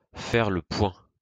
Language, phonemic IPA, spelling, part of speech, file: French, /fɛʁ lə pwɛ̃/, faire le point, verb, LL-Q150 (fra)-faire le point.wav
- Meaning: to review, to take stock of, to get a fix on